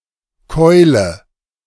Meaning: inflection of keulen: 1. first-person singular present 2. singular imperative 3. first/third-person singular subjunctive I
- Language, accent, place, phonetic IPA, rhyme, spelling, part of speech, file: German, Germany, Berlin, [ˈkɔɪ̯lə], -ɔɪ̯lə, keule, verb, De-keule.ogg